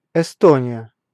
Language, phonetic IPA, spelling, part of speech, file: Russian, [ɪˈstonʲɪjə], Эстония, proper noun, Ru-Эстония.ogg
- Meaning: Estonia (a country in northeastern Europe, on the southeastern coast of the Baltic Sea)